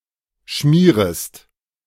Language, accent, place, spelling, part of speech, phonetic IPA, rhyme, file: German, Germany, Berlin, schmierest, verb, [ˈʃmiːʁəst], -iːʁəst, De-schmierest.ogg
- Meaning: second-person singular subjunctive I of schmieren